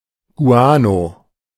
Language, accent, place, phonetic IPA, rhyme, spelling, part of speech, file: German, Germany, Berlin, [ˈɡu̯aːno], -aːno, Guano, noun, De-Guano.ogg
- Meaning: guano